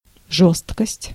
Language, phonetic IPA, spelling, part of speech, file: Russian, [ˈʐos(t)kəsʲtʲ], жёсткость, noun, Ru-жёсткость.ogg
- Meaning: 1. rigidity, inflexibility 2. hardness 3. inclemency 4. acerbity 5. harshness, asperity